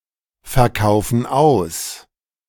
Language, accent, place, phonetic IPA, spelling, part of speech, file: German, Germany, Berlin, [fɛɐ̯ˌkaʊ̯fn̩ ˈaʊ̯s], verkaufen aus, verb, De-verkaufen aus.ogg
- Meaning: inflection of ausverkaufen: 1. first/third-person plural present 2. first/third-person plural subjunctive I